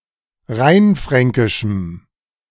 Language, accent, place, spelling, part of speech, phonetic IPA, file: German, Germany, Berlin, rheinfränkischem, adjective, [ˈʁaɪ̯nˌfʁɛŋkɪʃm̩], De-rheinfränkischem.ogg
- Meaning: strong dative masculine/neuter singular of rheinfränkisch